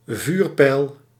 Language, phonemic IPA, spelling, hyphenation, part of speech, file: Dutch, /ˈvyːr.pɛi̯l/, vuurpijl, vuur‧pijl, noun, Nl-vuurpijl.ogg
- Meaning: 1. a flare 2. a rocket